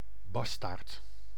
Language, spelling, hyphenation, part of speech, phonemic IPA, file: Dutch, bastaard, bas‧taard, noun, /ˈbɑs.taːrt/, Nl-bastaard.ogg
- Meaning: a bastard, person born to unmarried parents; in some legal systems a non-heir, or on that criterium restricted to illegitimate sons